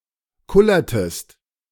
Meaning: inflection of kullern: 1. second-person singular preterite 2. second-person singular subjunctive II
- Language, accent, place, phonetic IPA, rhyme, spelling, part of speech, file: German, Germany, Berlin, [ˈkʊlɐtəst], -ʊlɐtəst, kullertest, verb, De-kullertest.ogg